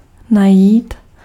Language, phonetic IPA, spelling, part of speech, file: Czech, [ˈnajiːt], najít, verb, Cs-najít.ogg
- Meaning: to find